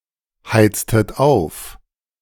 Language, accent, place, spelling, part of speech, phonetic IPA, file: German, Germany, Berlin, heiztet auf, verb, [ˌhaɪ̯t͡stət ˈaʊ̯f], De-heiztet auf.ogg
- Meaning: inflection of aufheizen: 1. second-person plural preterite 2. second-person plural subjunctive II